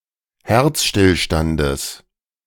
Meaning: genitive singular of Herzstillstand
- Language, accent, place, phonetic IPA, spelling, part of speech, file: German, Germany, Berlin, [ˈhɛʁt͡sʃtɪlˌʃtandəs], Herzstillstandes, noun, De-Herzstillstandes.ogg